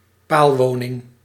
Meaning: pile dwelling
- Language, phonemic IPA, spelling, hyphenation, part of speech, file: Dutch, /ˈpaːlˌʋoː.nɪŋ/, paalwoning, paal‧wo‧ning, noun, Nl-paalwoning.ogg